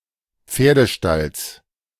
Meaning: genitive singular of Pferdestall
- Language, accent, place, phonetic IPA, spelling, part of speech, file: German, Germany, Berlin, [ˈp͡feːɐ̯dəˌʃtals], Pferdestalls, noun, De-Pferdestalls.ogg